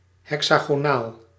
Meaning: hexagonal, having six edges, or having a cross-section in the form of a hexagon
- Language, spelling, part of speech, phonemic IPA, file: Dutch, hexagonaal, adjective, /ˌɦɛk.saː.ɣoːˈnaːl/, Nl-hexagonaal.ogg